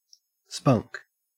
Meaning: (noun) 1. A spark 2. Touchwood; tinder 3. Synonym of taper, a thin stick used for transferring flames, especially a sulfur match
- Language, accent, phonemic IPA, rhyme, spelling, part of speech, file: English, Australia, /spʌŋk/, -ʌŋk, spunk, noun / verb, En-au-spunk.ogg